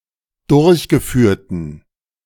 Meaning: inflection of durchgeführt: 1. strong genitive masculine/neuter singular 2. weak/mixed genitive/dative all-gender singular 3. strong/weak/mixed accusative masculine singular 4. strong dative plural
- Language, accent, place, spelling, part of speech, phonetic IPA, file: German, Germany, Berlin, durchgeführten, adjective, [ˈdʊʁçɡəˌfyːɐ̯tn̩], De-durchgeführten.ogg